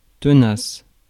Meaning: 1. long-lasting 2. tenacious, persistent
- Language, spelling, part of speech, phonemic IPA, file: French, tenace, adjective, /tə.nas/, Fr-tenace.ogg